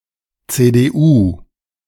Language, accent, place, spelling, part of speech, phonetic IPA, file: German, Germany, Berlin, CDU, abbreviation, [tseːdeːˈʔuː], De-CDU2.ogg
- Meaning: CDU: initialism of Christlich Demokratische Union Deutschlands (“Christian Democratic Union of Germany”)